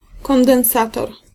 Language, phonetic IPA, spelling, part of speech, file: Polish, [ˌkɔ̃ndɛ̃w̃ˈsatɔr], kondensator, noun, Pl-kondensator.ogg